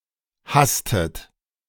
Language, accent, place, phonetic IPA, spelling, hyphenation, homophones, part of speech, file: German, Germany, Berlin, [ˈhastət], hasstet, hass‧tet, hastet, verb, De-hasstet.ogg
- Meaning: inflection of hassen: 1. second-person plural preterite 2. second-person plural subjunctive II